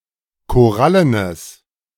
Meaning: strong/mixed nominative/accusative neuter singular of korallen
- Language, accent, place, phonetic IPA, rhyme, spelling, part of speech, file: German, Germany, Berlin, [koˈʁalənəs], -alənəs, korallenes, adjective, De-korallenes.ogg